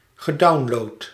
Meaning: past participle of downloaden
- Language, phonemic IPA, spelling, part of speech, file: Dutch, /ɣəˈdɑunlot/, gedownload, verb, Nl-gedownload.ogg